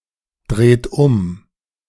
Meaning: inflection of umdrehen: 1. third-person singular present 2. second-person plural present 3. plural imperative
- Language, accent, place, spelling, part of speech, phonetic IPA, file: German, Germany, Berlin, dreht um, verb, [ˌdʁeːt ˈʊm], De-dreht um.ogg